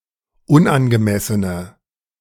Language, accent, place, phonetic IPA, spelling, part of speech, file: German, Germany, Berlin, [ˈʊnʔanɡəˌmɛsənə], unangemessene, adjective, De-unangemessene.ogg
- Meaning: inflection of unangemessen: 1. strong/mixed nominative/accusative feminine singular 2. strong nominative/accusative plural 3. weak nominative all-gender singular